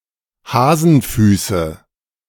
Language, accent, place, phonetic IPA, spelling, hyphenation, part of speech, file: German, Germany, Berlin, [ˈhaːzənfʏːsə], Hasenfüße, Ha‧sen‧fü‧ße, noun, De-Hasenfüße.ogg
- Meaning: nominative/accusative/genitive plural of Hasenfuß